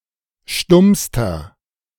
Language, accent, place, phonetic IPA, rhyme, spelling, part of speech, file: German, Germany, Berlin, [ˈʃtʊmstɐ], -ʊmstɐ, stummster, adjective, De-stummster.ogg
- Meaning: inflection of stumm: 1. strong/mixed nominative masculine singular superlative degree 2. strong genitive/dative feminine singular superlative degree 3. strong genitive plural superlative degree